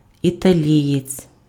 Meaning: Italian (male person from Italy)
- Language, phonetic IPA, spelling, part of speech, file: Ukrainian, [itɐˈlʲijet͡sʲ], італієць, noun, Uk-італієць.ogg